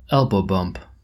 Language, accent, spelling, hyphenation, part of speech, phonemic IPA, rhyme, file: English, General American, elbow bump, el‧bow bump, noun, /ˌɛlboʊ ˈbʌmp/, -ʌmp, En-us-elbow bump.oga
- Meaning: 1. A hit to the elbow; also, an injury to the elbow caused by such a hit 2. A hit or jab made with the elbow